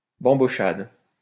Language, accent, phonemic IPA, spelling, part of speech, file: French, France, /bɑ̃.bɔ.ʃad/, bambochade, noun, LL-Q150 (fra)-bambochade.wav
- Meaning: bambocciante (painter or painting)